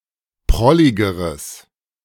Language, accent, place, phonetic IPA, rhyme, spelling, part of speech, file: German, Germany, Berlin, [ˈpʁɔlɪɡəʁəs], -ɔlɪɡəʁəs, prolligeres, adjective, De-prolligeres.ogg
- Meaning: strong/mixed nominative/accusative neuter singular comparative degree of prollig